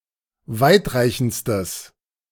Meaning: strong/mixed nominative/accusative neuter singular superlative degree of weitreichend
- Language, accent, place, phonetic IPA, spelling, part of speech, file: German, Germany, Berlin, [ˈvaɪ̯tˌʁaɪ̯çn̩t͡stəs], weitreichendstes, adjective, De-weitreichendstes.ogg